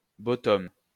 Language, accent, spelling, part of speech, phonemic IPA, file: French, France, bottom, adjective, /bo.tɔm/, LL-Q150 (fra)-bottom.wav
- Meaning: bottom (passive in role)